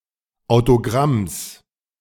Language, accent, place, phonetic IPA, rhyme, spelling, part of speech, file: German, Germany, Berlin, [aʊ̯toˈɡʁams], -ams, Autogramms, noun, De-Autogramms.ogg
- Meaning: genitive singular of Autogramm